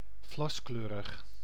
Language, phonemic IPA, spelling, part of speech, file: Dutch, /ˈvlɑskløːrəx/, vlaskleurig, adjective, Nl-vlaskleurig.ogg
- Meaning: colored flaxen, strawy like flax